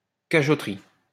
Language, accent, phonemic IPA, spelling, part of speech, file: French, France, /ka.ɡɔ.tʁi/, cagoterie, noun, LL-Q150 (fra)-cagoterie.wav
- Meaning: a quarter of a town to which cagots were restricted